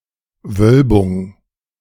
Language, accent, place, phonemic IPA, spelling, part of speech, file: German, Germany, Berlin, /ˈvœlbʊŋ/, Wölbung, noun, De-Wölbung.ogg
- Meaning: 1. bulge 2. arch, vault 3. kurtosis